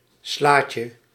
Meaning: 1. diminutive of sla 2. small salad
- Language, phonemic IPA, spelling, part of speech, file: Dutch, /ˈslacə/, slaatje, noun, Nl-slaatje.ogg